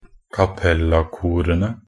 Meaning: definite plural of cappella-kor
- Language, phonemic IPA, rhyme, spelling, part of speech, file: Norwegian Bokmål, /kaˈpɛlːakuːrənə/, -ənə, cappella-korene, noun, Nb-cappella-korene.ogg